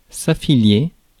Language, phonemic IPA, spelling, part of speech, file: French, /a.fi.lje/, affilier, verb, Fr-affilier.ogg
- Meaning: to affiliate